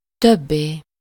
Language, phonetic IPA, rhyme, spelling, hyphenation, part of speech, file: Hungarian, [ˈtøbːeː], -beː, többé, töb‧bé, adverb / noun, Hu-többé.ogg
- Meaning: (adverb) any more, anymore, again; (noun) 1. translative singular of több 2. non-attributive possessive singular of több